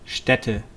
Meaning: venue, place, spot, site
- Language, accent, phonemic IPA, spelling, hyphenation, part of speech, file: German, Germany, /ˈʃtɛtə/, Stätte, Stät‧te, noun, De-Stätte.wav